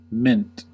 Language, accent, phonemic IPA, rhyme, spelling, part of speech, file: English, US, /mɪnt/, -ɪnt, mint, noun / verb / adjective, En-us-mint.ogg
- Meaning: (noun) 1. A building or institution where money (originally, only coins) is produced under government licence 2. A vast sum of money; (by extension) a large amount of something